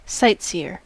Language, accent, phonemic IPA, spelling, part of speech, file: English, US, /ˈsʌɪtˌsiːə/, sightseer, noun, En-us-sightseer.ogg
- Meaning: One who goes sightseeing; one who goes around to look at sights or see things of interest; a tourist